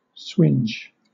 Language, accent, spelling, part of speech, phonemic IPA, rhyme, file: English, Southern England, swinge, verb / noun, /swɪnd͡ʒ/, -ɪndʒ, LL-Q1860 (eng)-swinge.wav
- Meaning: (verb) 1. To singe 2. To move like a lash; to lash 3. To strike hard 4. To chastise; to beat; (noun) 1. A swinging blow 2. Power; sway; influence